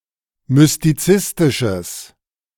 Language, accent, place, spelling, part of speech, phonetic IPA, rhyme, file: German, Germany, Berlin, mystizistisches, adjective, [mʏstiˈt͡sɪstɪʃəs], -ɪstɪʃəs, De-mystizistisches.ogg
- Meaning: strong/mixed nominative/accusative neuter singular of mystizistisch